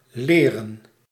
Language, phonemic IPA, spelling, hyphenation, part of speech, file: Dutch, /ˈleːrə(n)/, leren, le‧ren, verb / adjective / noun, Nl-leren.ogg
- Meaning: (verb) 1. to learn, to study 2. to teach; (adjective) leathern (made of leather); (noun) plural of leer